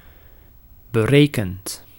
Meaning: past participle of berekenen
- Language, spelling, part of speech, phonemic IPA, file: Dutch, berekend, adjective / verb, /bəˈrekənt/, Nl-berekend.ogg